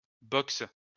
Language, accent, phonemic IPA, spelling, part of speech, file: French, France, /bɔks/, boxes, noun / verb, LL-Q150 (fra)-boxes.wav
- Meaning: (noun) plural of box; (verb) second-person singular present indicative/subjunctive of boxer